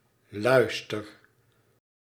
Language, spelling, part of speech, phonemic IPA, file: Dutch, luister, verb / noun, /ˈlœy̯s.tər/, Nl-luister.ogg
- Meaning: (verb) inflection of luisteren: 1. first-person singular present indicative 2. second-person singular present indicative 3. imperative; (noun) 1. lustre/luster, splendor 2. glory